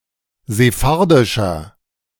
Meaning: inflection of sephardisch: 1. strong/mixed nominative masculine singular 2. strong genitive/dative feminine singular 3. strong genitive plural
- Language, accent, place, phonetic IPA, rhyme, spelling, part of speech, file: German, Germany, Berlin, [zeˈfaʁdɪʃɐ], -aʁdɪʃɐ, sephardischer, adjective, De-sephardischer.ogg